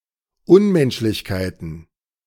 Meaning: plural of Unmenschlichkeit
- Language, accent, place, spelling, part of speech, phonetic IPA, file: German, Germany, Berlin, Unmenschlichkeiten, noun, [ˈʊnmɛnʃlɪçkaɪ̯tn̩], De-Unmenschlichkeiten.ogg